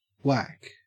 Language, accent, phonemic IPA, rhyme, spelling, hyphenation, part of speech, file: English, Australia, /ˈwæk/, -æk, wack, wack, adjective / noun, En-au-wack.ogg
- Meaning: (adjective) Annoyingly or disappointingly bad, in various senses; lousy, corny, cringy, uncool, messed up; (noun) 1. An eccentric; an oddball; a weirdo 2. PCP, phencyclidine (as also whack)